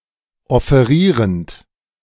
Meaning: present participle of offerieren
- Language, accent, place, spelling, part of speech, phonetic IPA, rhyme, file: German, Germany, Berlin, offerierend, verb, [ɔfeˈʁiːʁənt], -iːʁənt, De-offerierend.ogg